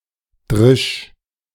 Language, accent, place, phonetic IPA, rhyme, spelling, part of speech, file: German, Germany, Berlin, [dʁɪʃ], -ɪʃ, drisch, verb, De-drisch.ogg
- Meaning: singular imperative of dreschen